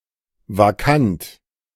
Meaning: vacant (not occupied)
- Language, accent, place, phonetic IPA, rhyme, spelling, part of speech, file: German, Germany, Berlin, [vaˈkant], -ant, vakant, adjective, De-vakant.ogg